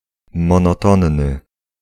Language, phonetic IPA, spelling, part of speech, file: Polish, [ˌmɔ̃nɔˈtɔ̃nːɨ], monotonny, adjective, Pl-monotonny.ogg